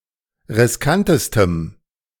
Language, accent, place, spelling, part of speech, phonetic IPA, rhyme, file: German, Germany, Berlin, riskantestem, adjective, [ʁɪsˈkantəstəm], -antəstəm, De-riskantestem.ogg
- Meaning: strong dative masculine/neuter singular superlative degree of riskant